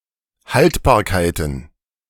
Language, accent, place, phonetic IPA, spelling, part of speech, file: German, Germany, Berlin, [ˈhaltbaːɐ̯kaɪ̯tn̩], Haltbarkeiten, noun, De-Haltbarkeiten.ogg
- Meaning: plural of Haltbarkeit